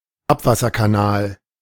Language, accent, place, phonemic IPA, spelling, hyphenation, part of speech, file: German, Germany, Berlin, /ˈapvasɐkaˌnaːl/, Abwasserkanal, Ab‧was‧ser‧ka‧nal, noun, De-Abwasserkanal.ogg
- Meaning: sewer